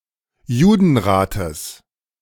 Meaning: genitive singular of Judenrat
- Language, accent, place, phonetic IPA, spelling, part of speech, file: German, Germany, Berlin, [ˈjuːdn̩ˌʁaːtəs], Judenrates, noun, De-Judenrates.ogg